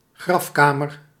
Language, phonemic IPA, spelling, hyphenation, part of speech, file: Dutch, /ˈɣrɑfˌkaː.mər/, grafkamer, graf‧ka‧mer, noun, Nl-grafkamer.ogg
- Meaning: burial chamber (room in a tomb where remains are placed)